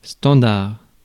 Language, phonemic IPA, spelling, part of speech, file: French, /stɑ̃.daʁ/, standard, noun / adjective, Fr-standard.ogg
- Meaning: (noun) 1. standard 2. switchboard